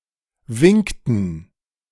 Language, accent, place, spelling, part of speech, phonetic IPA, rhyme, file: German, Germany, Berlin, winkten, verb, [ˈvɪŋktn̩], -ɪŋktn̩, De-winkten.ogg
- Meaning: inflection of winken: 1. first/third-person plural preterite 2. first/third-person plural subjunctive II